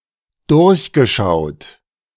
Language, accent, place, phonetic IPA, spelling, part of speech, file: German, Germany, Berlin, [ˈdʊʁçɡəˌʃaʊ̯t], durchgeschaut, verb, De-durchgeschaut.ogg
- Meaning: past participle of durchschauen